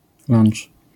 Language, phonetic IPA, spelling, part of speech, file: Polish, [lãn͇t͡ʃ], lunch, noun, LL-Q809 (pol)-lunch.wav